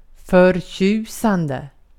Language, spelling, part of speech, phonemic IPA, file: Swedish, förtjusande, verb / adjective, /fœrˈtjʉːˌsandɛ/, Sv-förtjusande.ogg
- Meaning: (verb) present participle of förtjusa; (adjective) 1. delightful 2. lovely